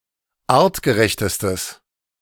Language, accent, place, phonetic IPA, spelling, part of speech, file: German, Germany, Berlin, [ˈaːʁtɡəˌʁɛçtəstəs], artgerechtestes, adjective, De-artgerechtestes.ogg
- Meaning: strong/mixed nominative/accusative neuter singular superlative degree of artgerecht